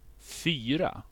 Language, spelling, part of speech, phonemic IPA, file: Swedish, fyra, numeral / noun / verb, /ˈfyːˌra/, Sv-fyra.ogg
- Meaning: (numeral) four; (noun) 1. four; the digit "4" 2. fourth-grader; pupil in the fourth year of school 3. a class of fourth-graders 4. the fourth year in school 5. fourth gear